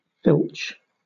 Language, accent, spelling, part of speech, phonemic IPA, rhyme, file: English, Southern England, filch, verb / noun, /fɪlt͡ʃ/, -ɪltʃ, LL-Q1860 (eng)-filch.wav
- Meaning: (verb) To illegally take possession of (something, especially items of low value); to pilfer, to steal; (noun) 1. Something which has been filched or stolen 2. An act of filching; larceny, theft